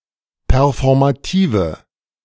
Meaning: inflection of performativ: 1. strong/mixed nominative/accusative feminine singular 2. strong nominative/accusative plural 3. weak nominative all-gender singular
- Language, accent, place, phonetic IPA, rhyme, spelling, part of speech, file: German, Germany, Berlin, [pɛʁfɔʁmaˈtiːvə], -iːvə, performative, adjective, De-performative.ogg